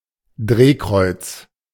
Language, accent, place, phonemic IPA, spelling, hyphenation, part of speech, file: German, Germany, Berlin, /ˈdʁeːˌkʁɔʏ̯ts/, Drehkreuz, Dreh‧kreuz, noun, De-Drehkreuz.ogg
- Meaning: 1. turnstile (rotating mechanical device that controls and counts passage between public areas) 2. hub (point where many routes meet and traffic is distributed, dispensed or diverted)